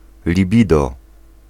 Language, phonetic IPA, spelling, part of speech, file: Polish, [lʲiˈbʲidɔ], libido, noun, Pl-libido.ogg